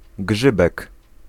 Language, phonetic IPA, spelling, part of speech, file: Polish, [ˈɡʒɨbɛk], grzybek, noun, Pl-grzybek.ogg